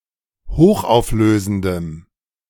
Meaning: strong dative masculine/neuter singular of hochauflösend
- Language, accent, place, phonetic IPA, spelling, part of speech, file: German, Germany, Berlin, [ˈhoːxʔaʊ̯fˌløːzn̩dəm], hochauflösendem, adjective, De-hochauflösendem.ogg